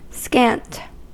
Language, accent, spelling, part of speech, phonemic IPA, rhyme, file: English, US, scant, adjective / verb / determiner / noun / adverb, /skænt/, -ænt, En-us-scant.ogg
- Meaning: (adjective) 1. Not full, large, or plentiful; scarcely sufficient; scanty; meager 2. Sparing; parsimonious; chary 3. Slightly diminished; just short of the amount described